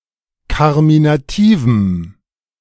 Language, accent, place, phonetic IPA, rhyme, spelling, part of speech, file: German, Germany, Berlin, [ˌkaʁminaˈtiːvm̩], -iːvm̩, karminativem, adjective, De-karminativem.ogg
- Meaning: strong dative masculine/neuter singular of karminativ